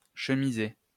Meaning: to line (cover the inside surface of)
- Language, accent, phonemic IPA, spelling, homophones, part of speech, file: French, France, /ʃə.mi.ze/, chemiser, chemisai / chemisé / chemisée / chemisées / chemisés / chemisez, verb, LL-Q150 (fra)-chemiser.wav